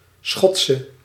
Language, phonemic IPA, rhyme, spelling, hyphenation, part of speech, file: Dutch, /ˈsxɔt.sə/, -tsə, Schotse, Schot‧se, noun, Nl-Schotse.ogg
- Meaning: a Scotswoman